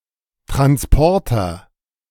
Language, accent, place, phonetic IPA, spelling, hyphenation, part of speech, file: German, Germany, Berlin, [tʁansˈpɔʁtɐ], Transporter, Trans‧por‧ter, noun, De-Transporter.ogg
- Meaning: transporter, carrier, van